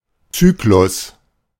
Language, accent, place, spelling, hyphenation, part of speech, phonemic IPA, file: German, Germany, Berlin, Zyklus, Zy‧k‧lus, noun, /ˈt͡syːklʊs/, De-Zyklus.ogg
- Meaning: 1. cycle 2. circuit